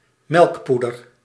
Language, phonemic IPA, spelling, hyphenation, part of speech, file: Dutch, /ˈmɛlkˌpu.dər/, melkpoeder, melk‧poe‧der, noun, Nl-melkpoeder.ogg
- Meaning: milk powder, powdered milk